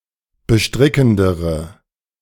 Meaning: inflection of bestrickend: 1. strong/mixed nominative/accusative feminine singular comparative degree 2. strong nominative/accusative plural comparative degree
- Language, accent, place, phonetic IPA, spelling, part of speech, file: German, Germany, Berlin, [bəˈʃtʁɪkn̩dəʁə], bestrickendere, adjective, De-bestrickendere.ogg